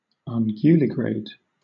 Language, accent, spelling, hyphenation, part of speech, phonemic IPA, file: English, Southern England, unguligrade, un‧gu‧li‧grade, adjective / noun, /ʌŋˈɡjuːlɪˌɡɹeɪd/, LL-Q1860 (eng)-unguligrade.wav
- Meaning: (adjective) That walks on hooves; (noun) An animal that walks on hooves